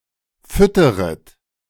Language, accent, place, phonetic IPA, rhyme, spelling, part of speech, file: German, Germany, Berlin, [ˈfʏtəʁət], -ʏtəʁət, fütteret, verb, De-fütteret.ogg
- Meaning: second-person plural subjunctive I of füttern